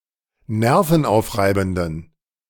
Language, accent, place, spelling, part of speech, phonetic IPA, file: German, Germany, Berlin, nervenaufreibenden, adjective, [ˈnɛʁfn̩ˌʔaʊ̯fʁaɪ̯bn̩dən], De-nervenaufreibenden.ogg
- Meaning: inflection of nervenaufreibend: 1. strong genitive masculine/neuter singular 2. weak/mixed genitive/dative all-gender singular 3. strong/weak/mixed accusative masculine singular